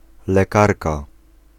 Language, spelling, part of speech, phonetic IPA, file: Polish, lekarka, noun, [lɛˈkarka], Pl-lekarka.ogg